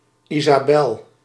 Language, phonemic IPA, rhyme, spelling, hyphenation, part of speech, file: Dutch, /ˌi.zaːˈbɛl/, -ɛl, Isabel, Isa‧bel, proper noun, Nl-Isabel.ogg
- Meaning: alternative form of Isabella